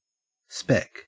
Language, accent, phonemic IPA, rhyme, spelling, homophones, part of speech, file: English, Australia, /ˈspɛk/, -ɛk, spec, speck, noun / verb / adjective, En-au-spec.ogg
- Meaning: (noun) 1. Clipping of specification 2. Clipping of speculation 3. Clipping of specialization 4. Clipping of specialist 5. Clipping of special 6. Clipping of spectrum 7. Abbreviation of specifier